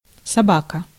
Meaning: 1. dog 2. hound 3. mongrel, cur, bastard (a detestable person) 4. fox (a clever, capable person) 5. @ (at sign) 6. watchdog timer
- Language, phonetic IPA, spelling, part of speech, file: Russian, [sɐˈbakə], собака, noun, Ru-собака.ogg